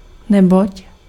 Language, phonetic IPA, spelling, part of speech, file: Czech, [ˈnɛboc], neboť, conjunction, Cs-neboť.ogg
- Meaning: as, since, because